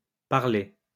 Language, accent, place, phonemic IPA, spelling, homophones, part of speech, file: French, France, Lyon, /paʁ.le/, parlée, parlai / parlé / parlées / parler / parlés / parlez, adjective / verb, LL-Q150 (fra)-parlée.wav
- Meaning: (adjective) feminine singular of parlé